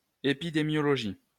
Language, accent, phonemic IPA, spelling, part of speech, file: French, France, /e.pi.de.mjɔ.lɔ.ʒi/, épidémiologie, noun, LL-Q150 (fra)-épidémiologie.wav
- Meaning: epidemiology (branch of medicine dealing with transmission and control of disease in populations)